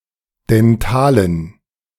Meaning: inflection of dental: 1. strong genitive masculine/neuter singular 2. weak/mixed genitive/dative all-gender singular 3. strong/weak/mixed accusative masculine singular 4. strong dative plural
- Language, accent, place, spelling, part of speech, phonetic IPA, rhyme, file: German, Germany, Berlin, dentalen, adjective, [dɛnˈtaːlən], -aːlən, De-dentalen.ogg